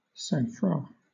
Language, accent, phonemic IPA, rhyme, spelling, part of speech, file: English, Southern England, /sɑŋˈfɹɑ/, -ɑ, sangfroid, noun, LL-Q1860 (eng)-sangfroid.wav
- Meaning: Composure, self-possession or imperturbability especially when in a dangerous situation